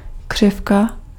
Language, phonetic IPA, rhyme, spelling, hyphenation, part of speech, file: Czech, [ˈkr̝̊ɪfka], -ɪfka, křivka, křiv‧ka, noun, Cs-křivka.ogg
- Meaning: 1. curve 2. crossbill (any bird of the genus Loxia)